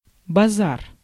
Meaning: 1. market, bazaar 2. row, uproar 3. talk, chatter 4. (irresponsible) words
- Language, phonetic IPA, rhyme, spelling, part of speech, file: Russian, [bɐˈzar], -ar, базар, noun, Ru-базар.ogg